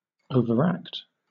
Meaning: 1. To act in an exaggerated manner 2. To act upon, or influence, unduly
- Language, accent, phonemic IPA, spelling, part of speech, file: English, Southern England, /ˌəʊvəɹˈækt/, overact, verb, LL-Q1860 (eng)-overact.wav